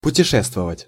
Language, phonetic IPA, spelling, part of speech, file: Russian, [pʊtʲɪˈʂɛstvəvətʲ], путешествовать, verb, Ru-путешествовать.ogg
- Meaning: to travel